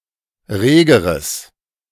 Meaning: strong/mixed nominative/accusative neuter singular comparative degree of rege
- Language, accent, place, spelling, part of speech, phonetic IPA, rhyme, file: German, Germany, Berlin, regeres, adjective, [ˈʁeːɡəʁəs], -eːɡəʁəs, De-regeres.ogg